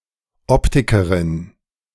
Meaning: female equivalent of Optiker (“optician”)
- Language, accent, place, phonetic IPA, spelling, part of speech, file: German, Germany, Berlin, [ˈɔptɪkəʁɪn], Optikerin, noun, De-Optikerin.ogg